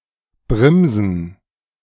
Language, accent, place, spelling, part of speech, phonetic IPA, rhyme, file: German, Germany, Berlin, Brimsen, noun, [ˈbʁɪmzn̩], -ɪmzn̩, De-Brimsen.ogg
- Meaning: bryndza (a kind of cheese)